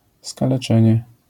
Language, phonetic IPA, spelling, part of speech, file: Polish, [ˌskalɛˈt͡ʃɛ̃ɲɛ], skaleczenie, noun, LL-Q809 (pol)-skaleczenie.wav